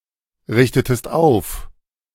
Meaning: inflection of aufrichten: 1. second-person singular preterite 2. second-person singular subjunctive II
- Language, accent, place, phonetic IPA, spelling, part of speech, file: German, Germany, Berlin, [ˌʁɪçtətəst ˈaʊ̯f], richtetest auf, verb, De-richtetest auf.ogg